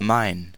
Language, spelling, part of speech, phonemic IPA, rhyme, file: German, mein, determiner / pronoun, /maɪ̯n/, -aɪ̯n, De-mein.ogg
- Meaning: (determiner) my; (pronoun) genitive of ich